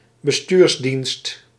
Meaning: civil administration
- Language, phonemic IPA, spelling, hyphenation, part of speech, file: Dutch, /bəˈstyːrsˌdinst/, bestuursdienst, be‧stuurs‧dienst, noun, Nl-bestuursdienst.ogg